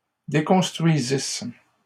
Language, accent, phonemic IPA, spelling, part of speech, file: French, Canada, /de.kɔ̃s.tʁɥi.zis/, déconstruisissent, verb, LL-Q150 (fra)-déconstruisissent.wav
- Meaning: third-person plural imperfect subjunctive of déconstruire